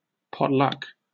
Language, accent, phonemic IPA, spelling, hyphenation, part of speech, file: English, Southern England, /ˌpɒtˈlʌk/, potluck, pot‧luck, noun / verb, En-uk-potluck.oga
- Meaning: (noun) 1. A meal, especially one offered to a guest, consisting of whatever food is available 2. Whatever is available in a particular situation